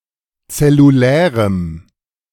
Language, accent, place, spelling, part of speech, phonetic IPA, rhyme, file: German, Germany, Berlin, zellulärem, adjective, [t͡sɛluˈlɛːʁəm], -ɛːʁəm, De-zellulärem.ogg
- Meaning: strong dative masculine/neuter singular of zellulär